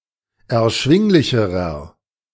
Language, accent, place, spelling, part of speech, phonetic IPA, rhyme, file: German, Germany, Berlin, erschwinglicherer, adjective, [ɛɐ̯ˈʃvɪŋlɪçəʁɐ], -ɪŋlɪçəʁɐ, De-erschwinglicherer.ogg
- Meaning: inflection of erschwinglich: 1. strong/mixed nominative masculine singular comparative degree 2. strong genitive/dative feminine singular comparative degree